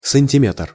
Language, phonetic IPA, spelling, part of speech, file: Russian, [sənʲtʲɪˈmʲet(ə)r], сантиметр, noun, Ru-сантиметр.ogg
- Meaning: 1. centimeter/centimetre (SI unit of measure) 2. tape measure